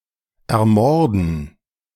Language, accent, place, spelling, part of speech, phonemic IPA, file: German, Germany, Berlin, ermorden, verb, /ɛɐ̯ˈmɔʁdn̩/, De-ermorden.ogg
- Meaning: to murder, to assassinate